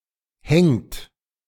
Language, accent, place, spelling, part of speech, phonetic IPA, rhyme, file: German, Germany, Berlin, hängt, verb, [hɛŋt], -ɛŋt, De-hängt.ogg
- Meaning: inflection of hängen: 1. third-person singular present 2. second-person plural present 3. plural imperative